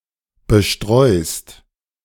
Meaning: second-person singular present of bestreuen
- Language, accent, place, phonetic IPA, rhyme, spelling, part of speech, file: German, Germany, Berlin, [bəˈʃtʁɔɪ̯st], -ɔɪ̯st, bestreust, verb, De-bestreust.ogg